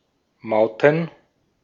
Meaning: plural of Maut
- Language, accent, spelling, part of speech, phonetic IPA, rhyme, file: German, Austria, Mauten, noun, [ˈmaʊ̯tn̩], -aʊ̯tn̩, De-at-Mauten.ogg